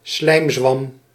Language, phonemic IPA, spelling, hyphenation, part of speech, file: Dutch, /ˈslɛi̯m.zʋɑm/, slijmzwam, slijm‧zwam, noun, Nl-slijmzwam.ogg
- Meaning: slime mold